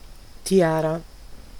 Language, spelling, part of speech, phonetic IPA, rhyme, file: German, Tiara, noun, [ˈti̯aːʁa], -aːʁa, De-Tiara.ogg
- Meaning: tiara (papal crown)